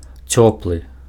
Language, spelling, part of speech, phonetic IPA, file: Belarusian, цёплы, adjective, [ˈt͡sʲopɫɨ], Be-цёплы.ogg
- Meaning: warm